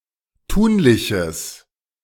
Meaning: strong/mixed nominative/accusative neuter singular of tunlich
- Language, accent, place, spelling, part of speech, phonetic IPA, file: German, Germany, Berlin, tunliches, adjective, [ˈtuːnlɪçəs], De-tunliches.ogg